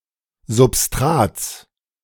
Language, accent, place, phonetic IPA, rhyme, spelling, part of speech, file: German, Germany, Berlin, [zʊpˈstʁaːt͡s], -aːt͡s, Substrats, noun, De-Substrats.ogg
- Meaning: genitive singular of Substrat